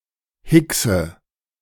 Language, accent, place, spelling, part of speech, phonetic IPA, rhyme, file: German, Germany, Berlin, hickse, verb, [ˈhɪksə], -ɪksə, De-hickse.ogg
- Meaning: inflection of hicksen: 1. first-person singular present 2. first/third-person singular subjunctive I 3. singular imperative